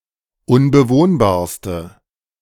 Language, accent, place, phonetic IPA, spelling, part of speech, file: German, Germany, Berlin, [ʊnbəˈvoːnbaːɐ̯stə], unbewohnbarste, adjective, De-unbewohnbarste.ogg
- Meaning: inflection of unbewohnbar: 1. strong/mixed nominative/accusative feminine singular superlative degree 2. strong nominative/accusative plural superlative degree